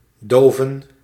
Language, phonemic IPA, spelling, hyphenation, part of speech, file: Dutch, /ˈdoːvə(n)/, doven, do‧ven, verb / noun, Nl-doven.ogg
- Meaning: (verb) 1. to extinguish 2. to muffle, to deaden (a sound) 3. to become deaf 4. to rage, to be crazy; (noun) plural of dove